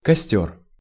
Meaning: 1. campfire, bonfire, wood fire 2. chock 3. brome grass (Bromus) 4. brome grass (Bromus): chess grass, rye brome (Bromus secalinus)
- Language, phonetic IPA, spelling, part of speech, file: Russian, [kɐˈsʲtʲɵr], костёр, noun, Ru-костёр.ogg